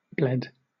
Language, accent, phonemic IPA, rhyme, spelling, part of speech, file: English, Southern England, /ˈblɛd/, -ɛd, bled, verb / noun, LL-Q1860 (eng)-bled.wav
- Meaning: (verb) simple past and past participle of bleed; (noun) Hinterland, field